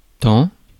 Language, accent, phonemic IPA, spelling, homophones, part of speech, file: French, France, /tɑ̃/, tant, tan / tans / taon / temps, adverb, Fr-tant.ogg
- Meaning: 1. so much 2. so many 3. both ... and